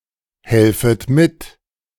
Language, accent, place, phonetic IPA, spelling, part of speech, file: German, Germany, Berlin, [ˌhɛlfət ˈmɪt], helfet mit, verb, De-helfet mit.ogg
- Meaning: second-person plural subjunctive I of mithelfen